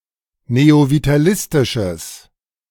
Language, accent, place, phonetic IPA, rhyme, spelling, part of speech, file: German, Germany, Berlin, [neovitaˈlɪstɪʃəs], -ɪstɪʃəs, neovitalistisches, adjective, De-neovitalistisches.ogg
- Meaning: strong/mixed nominative/accusative neuter singular of neovitalistisch